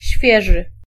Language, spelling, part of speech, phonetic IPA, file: Polish, świeży, adjective, [ˈɕfʲjɛʒɨ], Pl-świeży.ogg